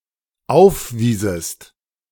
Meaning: second-person singular dependent subjunctive II of aufweisen
- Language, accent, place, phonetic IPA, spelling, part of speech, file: German, Germany, Berlin, [ˈaʊ̯fˌviːzəst], aufwiesest, verb, De-aufwiesest.ogg